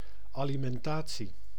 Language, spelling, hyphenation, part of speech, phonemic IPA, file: Dutch, alimentatie, ali‧men‧ta‧tie, noun, /ˌaː.li.mɛnˈtaː.(t)si/, Nl-alimentatie.ogg
- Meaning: alimony (court-imposed allowance to meet costs of living)